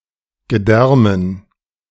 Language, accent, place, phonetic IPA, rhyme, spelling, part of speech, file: German, Germany, Berlin, [ɡəˈdɛʁmən], -ɛʁmən, Gedärmen, noun, De-Gedärmen.ogg
- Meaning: dative plural of Gedärm